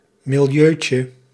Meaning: diminutive of milieu
- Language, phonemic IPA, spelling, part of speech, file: Dutch, /mɪlˈjøcə/, milieutje, noun, Nl-milieutje.ogg